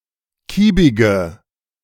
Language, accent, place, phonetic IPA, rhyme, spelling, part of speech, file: German, Germany, Berlin, [ˈkiːbɪɡə], -iːbɪɡə, kiebige, adjective, De-kiebige.ogg
- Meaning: inflection of kiebig: 1. strong/mixed nominative/accusative feminine singular 2. strong nominative/accusative plural 3. weak nominative all-gender singular 4. weak accusative feminine/neuter singular